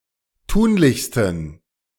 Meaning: 1. superlative degree of tunlich 2. inflection of tunlich: strong genitive masculine/neuter singular superlative degree
- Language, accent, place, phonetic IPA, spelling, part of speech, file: German, Germany, Berlin, [ˈtuːnlɪçstn̩], tunlichsten, adjective, De-tunlichsten.ogg